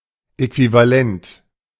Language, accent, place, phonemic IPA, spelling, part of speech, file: German, Germany, Berlin, /ˌɛkvivaˈlɛnt/, äquivalent, adjective, De-äquivalent.ogg
- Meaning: equivalent